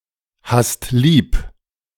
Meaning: second-person singular present of lieb haben
- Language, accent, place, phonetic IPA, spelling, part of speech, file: German, Germany, Berlin, [ˌhast ˈliːp], hast lieb, verb, De-hast lieb.ogg